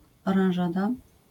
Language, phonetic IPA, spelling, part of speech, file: Polish, [ˌɔrãw̃ˈʒada], oranżada, noun, LL-Q809 (pol)-oranżada.wav